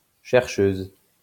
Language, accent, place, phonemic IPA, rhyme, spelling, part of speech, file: French, France, Lyon, /ʃɛʁ.ʃøz/, -øz, chercheuse, noun, LL-Q150 (fra)-chercheuse.wav
- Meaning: female equivalent of chercheur